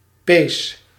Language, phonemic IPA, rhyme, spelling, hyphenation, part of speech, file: Dutch, /peːs/, -eːs, pees, pees, noun / verb, Nl-pees.ogg
- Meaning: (noun) 1. a sinew 2. a bowstring; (verb) inflection of pezen: 1. first-person singular present indicative 2. second-person singular present indicative 3. imperative